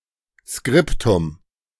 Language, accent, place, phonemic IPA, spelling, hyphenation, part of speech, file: German, Germany, Berlin, /ˈskʁɪptʊm/, Skriptum, Skrip‧tum, noun, De-Skriptum.ogg
- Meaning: alternative form of Skript (“script, transcript”)